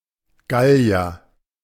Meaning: Gaul (native or inhabitant of the historical region of Gaul, or poetically the modern nation of France) (usually male)
- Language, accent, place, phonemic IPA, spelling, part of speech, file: German, Germany, Berlin, /ˈɡali̯ɐ/, Gallier, noun, De-Gallier.ogg